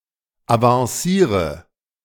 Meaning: inflection of avancieren: 1. first-person singular present 2. singular imperative 3. first/third-person singular subjunctive I
- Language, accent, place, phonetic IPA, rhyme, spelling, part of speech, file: German, Germany, Berlin, [avɑ̃ˈsiːʁə], -iːʁə, avanciere, verb, De-avanciere.ogg